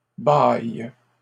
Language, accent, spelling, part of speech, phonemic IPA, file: French, Canada, baille, noun, /baj/, LL-Q150 (fra)-baille.wav
- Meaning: 1. tub 2. water